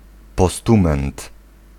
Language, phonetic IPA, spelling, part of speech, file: Polish, [pɔˈstũmɛ̃nt], postument, noun, Pl-postument.ogg